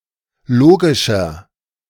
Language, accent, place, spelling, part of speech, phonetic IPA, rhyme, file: German, Germany, Berlin, logischer, adjective, [ˈloːɡɪʃɐ], -oːɡɪʃɐ, De-logischer.ogg
- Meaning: 1. comparative degree of logisch 2. inflection of logisch: strong/mixed nominative masculine singular 3. inflection of logisch: strong genitive/dative feminine singular